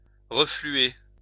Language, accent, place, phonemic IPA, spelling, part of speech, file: French, France, Lyon, /ʁə.fly.e/, refluer, verb, LL-Q150 (fra)-refluer.wav
- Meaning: 1. to flow back, to ebb 2. to go back, rush back